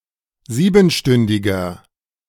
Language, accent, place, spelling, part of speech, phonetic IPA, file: German, Germany, Berlin, siebenstündiger, adjective, [ˈziːbn̩ˌʃtʏndɪɡɐ], De-siebenstündiger.ogg
- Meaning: inflection of siebenstündig: 1. strong/mixed nominative masculine singular 2. strong genitive/dative feminine singular 3. strong genitive plural